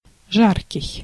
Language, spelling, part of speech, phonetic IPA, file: Russian, жаркий, adjective, [ˈʐarkʲɪj], Ru-жаркий.ogg
- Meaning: 1. hot, make one feel hot (such as of the surrounding air or the sun) 2. having a hot climate, southern, tropical 3. fervent, warm, passionate